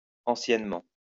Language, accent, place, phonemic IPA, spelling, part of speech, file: French, France, Lyon, /ɑ̃.sjɛn.mɑ̃/, anciennement, adverb, LL-Q150 (fra)-anciennement.wav
- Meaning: formerly